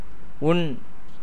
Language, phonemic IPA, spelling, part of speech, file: Tamil, /ʊɳ/, உண், verb, Ta-உண்.ogg
- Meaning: 1. to eat 2. to drink 3. to enjoy, experience 4. to draw in, receive 5. to resemble 6. to seize, grasp 7. to harmonize with, be agreeable to